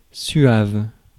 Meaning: smooth and graceful, polite, polished, suave
- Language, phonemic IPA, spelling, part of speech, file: French, /sɥav/, suave, adjective, Fr-suave.ogg